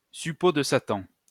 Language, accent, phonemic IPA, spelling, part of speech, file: French, France, /sy.po d(ə) sa.tɑ̃/, suppôt de Satan, noun, LL-Q150 (fra)-suppôt de Satan.wav
- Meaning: 1. devil worshipper, Satanist 2. devil's agent; limb of Satan, limb of the devil